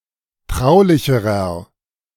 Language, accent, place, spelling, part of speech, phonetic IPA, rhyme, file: German, Germany, Berlin, traulicherer, adjective, [ˈtʁaʊ̯lɪçəʁɐ], -aʊ̯lɪçəʁɐ, De-traulicherer.ogg
- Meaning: inflection of traulich: 1. strong/mixed nominative masculine singular comparative degree 2. strong genitive/dative feminine singular comparative degree 3. strong genitive plural comparative degree